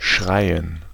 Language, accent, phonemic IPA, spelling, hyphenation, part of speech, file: German, Germany, /ˈʃʁaɪ̯ən/, schreien, schrei‧en, verb, De-schreien.ogg
- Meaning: to shout; to yell; to cry; to scream; to howl